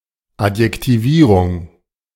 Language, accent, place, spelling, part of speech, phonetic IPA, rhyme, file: German, Germany, Berlin, Adjektivierung, noun, [atjɛktiˈviːʁʊŋ], -iːʁʊŋ, De-Adjektivierung.ogg
- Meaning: adjectivization